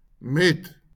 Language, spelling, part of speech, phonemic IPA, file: Afrikaans, met, preposition, /mɛt/, LL-Q14196 (afr)-met.wav
- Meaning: with